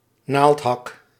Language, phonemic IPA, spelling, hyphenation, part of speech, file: Dutch, /ˈnaːlt.ɦɑk/, naaldhak, naald‧hak, noun, Nl-naaldhak.ogg
- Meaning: stiletto heel